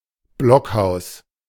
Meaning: log cabin (a small house made from logs)
- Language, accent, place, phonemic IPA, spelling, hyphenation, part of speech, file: German, Germany, Berlin, /ˈblɔkˌhaʊ̯s/, Blockhaus, Block‧haus, noun, De-Blockhaus.ogg